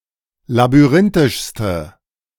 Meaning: inflection of labyrinthisch: 1. strong/mixed nominative/accusative feminine singular superlative degree 2. strong nominative/accusative plural superlative degree
- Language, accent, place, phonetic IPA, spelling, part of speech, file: German, Germany, Berlin, [labyˈʁɪntɪʃstə], labyrinthischste, adjective, De-labyrinthischste.ogg